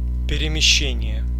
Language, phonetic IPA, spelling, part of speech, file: Russian, [pʲɪrʲɪmʲɪˈɕːenʲɪje], перемещение, noun, Ru-перемещение.ogg
- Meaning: movement, relocation, shift, transference